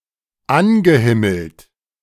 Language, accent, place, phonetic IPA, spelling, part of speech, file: German, Germany, Berlin, [ˈanɡəˌhɪml̩t], angehimmelt, adjective / verb, De-angehimmelt.ogg
- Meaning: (verb) past participle of anhimmeln; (adjective) idolized